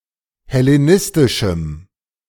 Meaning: strong dative masculine/neuter singular of hellenistisch
- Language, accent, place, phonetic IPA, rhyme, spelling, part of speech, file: German, Germany, Berlin, [hɛleˈnɪstɪʃm̩], -ɪstɪʃm̩, hellenistischem, adjective, De-hellenistischem.ogg